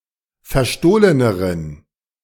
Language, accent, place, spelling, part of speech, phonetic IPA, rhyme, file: German, Germany, Berlin, verstohleneren, adjective, [fɛɐ̯ˈʃtoːlənəʁən], -oːlənəʁən, De-verstohleneren.ogg
- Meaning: inflection of verstohlen: 1. strong genitive masculine/neuter singular comparative degree 2. weak/mixed genitive/dative all-gender singular comparative degree